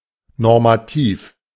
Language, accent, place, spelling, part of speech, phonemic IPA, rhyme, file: German, Germany, Berlin, normativ, adjective, /nɔʁmaˈtiːf/, -iːf, De-normativ.ogg
- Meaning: normative (of, pertaining to, or using a norm or standard)